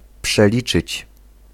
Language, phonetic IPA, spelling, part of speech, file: Polish, [pʃɛˈlʲit͡ʃɨt͡ɕ], przeliczyć, verb, Pl-przeliczyć.ogg